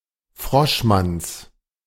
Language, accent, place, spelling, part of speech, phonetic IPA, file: German, Germany, Berlin, Froschmanns, noun, [ˈfʁɔʃˌmans], De-Froschmanns.ogg
- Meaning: genitive singular of Froschmann